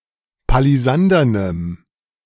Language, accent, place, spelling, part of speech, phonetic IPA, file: German, Germany, Berlin, palisandernem, adjective, [paliˈzandɐnəm], De-palisandernem.ogg
- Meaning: strong dative masculine/neuter singular of palisandern